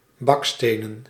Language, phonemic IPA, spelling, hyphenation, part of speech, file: Dutch, /ˈbɑkˌsteː.nə(n)/, bakstenen, bak‧ste‧nen, adjective / noun, Nl-bakstenen.ogg
- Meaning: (adjective) made of brick(s), brick; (noun) plural of baksteen